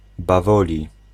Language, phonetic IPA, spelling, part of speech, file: Polish, [baˈvɔlʲi], bawoli, adjective, Pl-bawoli.ogg